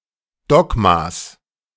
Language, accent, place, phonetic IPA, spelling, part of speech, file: German, Germany, Berlin, [ˈdɔɡmas], Dogmas, noun, De-Dogmas.ogg
- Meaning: genitive singular of Dogma